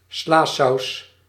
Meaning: a salad dressing, often resembling inviscid mayonnaise
- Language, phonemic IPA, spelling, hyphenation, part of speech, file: Dutch, /ˈslaː.sɑu̯s/, slasaus, sla‧saus, noun, Nl-slasaus.ogg